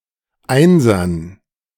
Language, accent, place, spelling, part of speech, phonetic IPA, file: German, Germany, Berlin, Einsern, noun, [ˈaɪ̯nzɐn], De-Einsern.ogg
- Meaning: dative plural of Einser